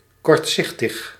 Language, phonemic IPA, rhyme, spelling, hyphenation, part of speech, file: Dutch, /ˌkɔrtˈsɪx.təx/, -ɪxtəx, kortzichtig, kort‧zich‧tig, adjective, Nl-kortzichtig.ogg
- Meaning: shortsighted, blinkered